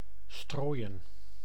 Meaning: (verb) 1. to strew, scatter 2. to sprinkle; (adjective) strawen, made of straw
- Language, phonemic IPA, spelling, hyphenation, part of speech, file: Dutch, /stroːi̯ə(n)/, strooien, strooi‧en, verb / adjective, Nl-strooien.ogg